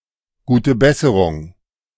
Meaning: get well soon (a phrase indicating hope that the listener recovers from physical illness)
- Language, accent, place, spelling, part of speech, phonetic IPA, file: German, Germany, Berlin, gute Besserung, interjection, [ˌɡuːtə ˈbɛsəʁʊŋ], De-gute Besserung.ogg